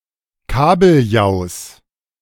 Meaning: genitive singular of Kabeljau
- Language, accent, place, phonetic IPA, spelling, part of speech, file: German, Germany, Berlin, [ˈkaːbl̩ˌjaʊ̯s], Kabeljaus, noun, De-Kabeljaus.ogg